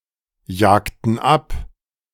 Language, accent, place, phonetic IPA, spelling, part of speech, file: German, Germany, Berlin, [ˌjaːktn̩ ˈap], jagten ab, verb, De-jagten ab.ogg
- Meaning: inflection of abjagen: 1. first/third-person plural preterite 2. first/third-person plural subjunctive II